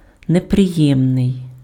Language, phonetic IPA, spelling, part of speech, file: Ukrainian, [nepreˈjɛmnei̯], неприємний, adjective, Uk-неприємний.ogg
- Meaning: unpleasant, disagreeable